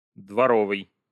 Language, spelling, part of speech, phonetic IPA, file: Russian, дворовый, adjective, [dvɐˈrovɨj], Ru-дворо́вый.ogg
- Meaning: 1. court, yard 2. house serf; menial